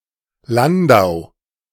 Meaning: Landau (an independent town in Rhineland-Palatinate, Germany; official name: Landau in der Pfalz)
- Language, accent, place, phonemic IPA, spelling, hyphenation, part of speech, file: German, Germany, Berlin, /ˈlandaʊ̯/, Landau, Lan‧dau, proper noun, De-Landau.ogg